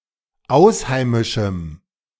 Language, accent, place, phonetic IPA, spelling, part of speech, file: German, Germany, Berlin, [ˈaʊ̯sˌhaɪ̯mɪʃm̩], ausheimischem, adjective, De-ausheimischem.ogg
- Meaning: strong dative masculine/neuter singular of ausheimisch